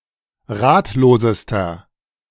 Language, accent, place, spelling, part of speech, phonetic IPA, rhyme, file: German, Germany, Berlin, ratlosester, adjective, [ˈʁaːtloːzəstɐ], -aːtloːzəstɐ, De-ratlosester.ogg
- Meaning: inflection of ratlos: 1. strong/mixed nominative masculine singular superlative degree 2. strong genitive/dative feminine singular superlative degree 3. strong genitive plural superlative degree